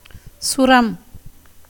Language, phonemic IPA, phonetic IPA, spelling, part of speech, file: Tamil, /tʃʊɾɐm/, [sʊɾɐm], சுரம், noun, Ta-சுரம்.ogg
- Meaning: 1. standard form of ஸ்வரம் (svaram) 2. standard form of ஜுரம் (juram)